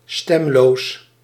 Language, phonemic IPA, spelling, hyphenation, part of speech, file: Dutch, /ˈstɛm.loːs/, stemloos, stem‧loos, adjective, Nl-stemloos.ogg
- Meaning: voiceless, unvoiced